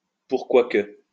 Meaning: why
- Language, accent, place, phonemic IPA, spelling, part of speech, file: French, France, Lyon, /puʁ.kwa kə/, pourquoi que, conjunction, LL-Q150 (fra)-pourquoi que.wav